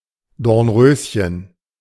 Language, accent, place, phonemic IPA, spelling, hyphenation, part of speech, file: German, Germany, Berlin, /dɔʁnˈʁøːsçən/, Dornröschen, Dorn‧rös‧chen, noun / proper noun, De-Dornröschen.ogg
- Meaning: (noun) small, thorny rose; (proper noun) the fairy tale character Sleeping Beauty